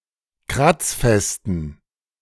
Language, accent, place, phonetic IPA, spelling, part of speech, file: German, Germany, Berlin, [ˈkʁat͡sˌfɛstn̩], kratzfesten, adjective, De-kratzfesten.ogg
- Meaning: inflection of kratzfest: 1. strong genitive masculine/neuter singular 2. weak/mixed genitive/dative all-gender singular 3. strong/weak/mixed accusative masculine singular 4. strong dative plural